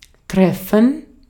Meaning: 1. to meet; to encounter 2. to hit; to strike 3. to affect; to concern 4. to hit the mark, to suit, to be convenient or fortunate
- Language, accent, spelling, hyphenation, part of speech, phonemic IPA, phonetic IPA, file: German, Austria, treffen, tref‧fen, verb, /ˈtʁɛfən/, [ˈtʰʁ̥ɛfɱ̩], De-at-treffen.ogg